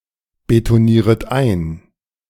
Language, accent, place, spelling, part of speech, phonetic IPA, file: German, Germany, Berlin, betonieret ein, verb, [betoˌniːʁət ˈaɪ̯n], De-betonieret ein.ogg
- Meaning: second-person plural subjunctive I of einbetonieren